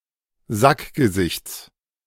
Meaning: genitive singular of Sackgesicht
- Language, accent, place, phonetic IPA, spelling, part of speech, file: German, Germany, Berlin, [ˈzakɡəˌzɪçt͡s], Sackgesichts, noun, De-Sackgesichts.ogg